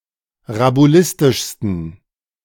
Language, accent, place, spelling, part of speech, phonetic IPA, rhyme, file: German, Germany, Berlin, rabulistischsten, adjective, [ʁabuˈlɪstɪʃstn̩], -ɪstɪʃstn̩, De-rabulistischsten.ogg
- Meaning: 1. superlative degree of rabulistisch 2. inflection of rabulistisch: strong genitive masculine/neuter singular superlative degree